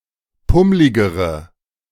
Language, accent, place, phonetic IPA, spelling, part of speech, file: German, Germany, Berlin, [ˈpʊmlɪɡəʁə], pummligere, adjective, De-pummligere.ogg
- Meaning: inflection of pummlig: 1. strong/mixed nominative/accusative feminine singular comparative degree 2. strong nominative/accusative plural comparative degree